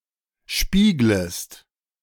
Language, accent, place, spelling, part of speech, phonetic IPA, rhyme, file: German, Germany, Berlin, spieglest, verb, [ˈʃpiːɡləst], -iːɡləst, De-spieglest.ogg
- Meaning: second-person singular subjunctive I of spiegeln